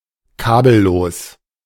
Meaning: wireless
- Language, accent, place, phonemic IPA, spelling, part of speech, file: German, Germany, Berlin, /ˈkaːbəˌloːs/, kabellos, adjective, De-kabellos.ogg